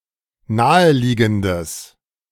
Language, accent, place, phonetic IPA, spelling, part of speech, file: German, Germany, Berlin, [ˈnaːəˌliːɡn̩dəs], naheliegendes, adjective, De-naheliegendes.ogg
- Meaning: strong/mixed nominative/accusative neuter singular of naheliegend